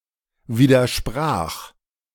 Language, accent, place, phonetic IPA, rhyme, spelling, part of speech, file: German, Germany, Berlin, [ˌviːdɐˈʃpʁaːx], -aːx, widersprach, verb, De-widersprach.ogg
- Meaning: first/third-person singular preterite of widersprechen